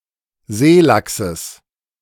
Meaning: genitive singular of Seelachs
- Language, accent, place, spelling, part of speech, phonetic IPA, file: German, Germany, Berlin, Seelachses, noun, [ˈzeːˌlaksəs], De-Seelachses.ogg